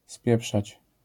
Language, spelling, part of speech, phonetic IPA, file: Polish, spieprzać, verb, [ˈspʲjɛpʃat͡ɕ], LL-Q809 (pol)-spieprzać.wav